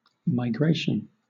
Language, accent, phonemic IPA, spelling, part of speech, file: English, Southern England, /maɪˈɡɹeɪʃ(ə)n/, migration, noun, LL-Q1860 (eng)-migration.wav
- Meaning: 1. An instance of moving to live in another place for a while 2. Seasonal moving of animals, as mammals, birds or fish, especially between breeding and non-breeding areas 3. Movement in general